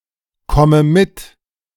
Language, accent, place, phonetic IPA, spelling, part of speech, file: German, Germany, Berlin, [ˌkɔmə ˈmɪt], komme mit, verb, De-komme mit.ogg
- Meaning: inflection of mitkommen: 1. first-person singular present 2. first/third-person singular subjunctive I 3. singular imperative